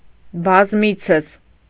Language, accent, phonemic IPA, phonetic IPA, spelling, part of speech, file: Armenian, Eastern Armenian, /bɑzˈmit͡sʰəs/, [bɑzmít͡sʰəs], բազմիցս, adverb, Hy-բազմիցս.ogg
- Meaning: often, frequently, many times